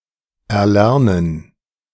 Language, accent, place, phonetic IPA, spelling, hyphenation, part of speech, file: German, Germany, Berlin, [ɛɐ̯ˈlɛʁnən], erlernen, er‧ler‧nen, verb, De-erlernen.ogg
- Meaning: to learn (to the point of being an expert)